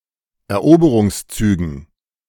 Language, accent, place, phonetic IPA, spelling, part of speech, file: German, Germany, Berlin, [ɛɐ̯ˈʔoːbəʁʊŋsˌt͡syːɡn̩], Eroberungszügen, noun, De-Eroberungszügen.ogg
- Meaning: dative plural of Eroberungszug